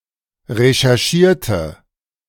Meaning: inflection of recherchieren: 1. first/third-person singular preterite 2. first/third-person singular subjunctive II
- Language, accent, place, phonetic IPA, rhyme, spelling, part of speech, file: German, Germany, Berlin, [ʁeʃɛʁˈʃiːɐ̯tə], -iːɐ̯tə, recherchierte, adjective / verb, De-recherchierte.ogg